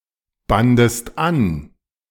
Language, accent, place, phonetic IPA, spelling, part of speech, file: German, Germany, Berlin, [ˌbandəst ˈan], bandest an, verb, De-bandest an.ogg
- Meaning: second-person singular preterite of anbinden